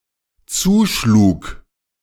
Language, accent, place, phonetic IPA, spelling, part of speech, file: German, Germany, Berlin, [ˈt͡suːˌʃluːk], zuschlug, verb, De-zuschlug.ogg
- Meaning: first/third-person singular dependent preterite of zuschlagen